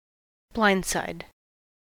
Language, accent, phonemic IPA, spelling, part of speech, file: English, US, /ˈblaɪndˌsaɪd/, blindside, noun / verb, En-us-blindside.ogg
- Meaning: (noun) A driver's field of blindness around an automobile; the side areas behind the driver